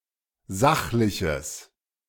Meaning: strong/mixed nominative/accusative neuter singular of sachlich
- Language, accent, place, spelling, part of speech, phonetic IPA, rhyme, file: German, Germany, Berlin, sachliches, adjective, [ˈzaxlɪçəs], -axlɪçəs, De-sachliches.ogg